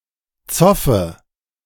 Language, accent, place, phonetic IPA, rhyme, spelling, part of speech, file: German, Germany, Berlin, [ˈt͡sɔfə], -ɔfə, zoffe, verb, De-zoffe.ogg
- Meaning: inflection of zoffen: 1. first-person singular present 2. first/third-person singular subjunctive I 3. singular imperative